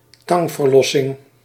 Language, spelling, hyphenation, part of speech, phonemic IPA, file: Dutch, tangverlossing, tang‧ver‧los‧sing, noun, /ˈtɑŋ.vərˌlɔ.sɪŋ/, Nl-tangverlossing.ogg
- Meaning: delivery (birth) by means of a forceps